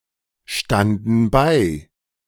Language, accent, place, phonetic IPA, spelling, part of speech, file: German, Germany, Berlin, [ˌʃtandn̩ ˈbaɪ̯], standen bei, verb, De-standen bei.ogg
- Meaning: first/third-person plural preterite of beistehen